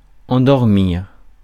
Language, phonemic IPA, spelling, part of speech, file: French, /ɑ̃.dɔʁ.miʁ/, endormir, verb, Fr-endormir.ogg
- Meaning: 1. to put to sleep 2. to fall asleep